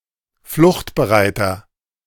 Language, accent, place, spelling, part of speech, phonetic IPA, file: German, Germany, Berlin, fluchtbereiter, adjective, [ˈflʊxtbəˌʁaɪ̯tɐ], De-fluchtbereiter.ogg
- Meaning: inflection of fluchtbereit: 1. strong/mixed nominative masculine singular 2. strong genitive/dative feminine singular 3. strong genitive plural